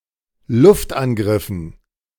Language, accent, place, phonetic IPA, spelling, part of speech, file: German, Germany, Berlin, [ˈlʊftʔanˌɡʁɪfn̩], Luftangriffen, noun, De-Luftangriffen.ogg
- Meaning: dative plural of Luftangriff